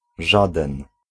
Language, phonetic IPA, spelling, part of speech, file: Polish, [ˈʒadɛ̃n], żaden, pronoun / adjective, Pl-żaden.ogg